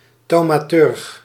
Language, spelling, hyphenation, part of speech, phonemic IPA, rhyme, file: Dutch, thaumaturg, thau‧ma‧turg, noun, /ˌtɑu̯.maːˈtʏrx/, -ʏrx, Nl-thaumaturg.ogg
- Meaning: thaumaturge